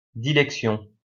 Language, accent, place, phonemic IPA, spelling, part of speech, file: French, France, Lyon, /di.lɛk.sjɔ̃/, dilection, noun, LL-Q150 (fra)-dilection.wav
- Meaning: pious love; dilection (love)